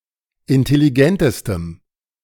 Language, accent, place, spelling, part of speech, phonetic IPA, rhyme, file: German, Germany, Berlin, intelligentestem, adjective, [ɪntɛliˈɡɛntəstəm], -ɛntəstəm, De-intelligentestem.ogg
- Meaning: strong dative masculine/neuter singular superlative degree of intelligent